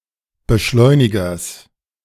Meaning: genitive singular of Beschleuniger
- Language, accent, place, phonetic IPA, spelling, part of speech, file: German, Germany, Berlin, [bəˈʃlɔɪ̯nɪɡɐs], Beschleunigers, noun, De-Beschleunigers.ogg